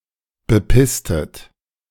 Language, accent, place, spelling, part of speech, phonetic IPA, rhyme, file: German, Germany, Berlin, bepisstet, verb, [bəˈpɪstət], -ɪstət, De-bepisstet.ogg
- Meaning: inflection of bepissen: 1. second-person plural preterite 2. second-person plural subjunctive II